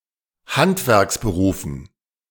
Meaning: dative plural of Handwerksberuf
- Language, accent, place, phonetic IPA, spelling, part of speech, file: German, Germany, Berlin, [ˈhantvɛʁksbəˌʁuːfn̩], Handwerksberufen, noun, De-Handwerksberufen.ogg